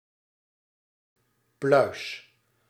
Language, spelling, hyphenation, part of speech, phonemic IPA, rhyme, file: Dutch, pluis, pluis, noun / adjective, /plœy̯s/, -œy̯s, Nl-pluis.ogg
- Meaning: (noun) 1. fluff, soft hairs 2. a piece of fluff or lint, a fluffball 3. pedicel with flower; sessile (side branch with flower); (adjective) in order, savory, right, proper